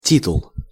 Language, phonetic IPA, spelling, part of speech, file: Russian, [ˈtʲitʊɫ], титул, noun, Ru-титул.ogg
- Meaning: title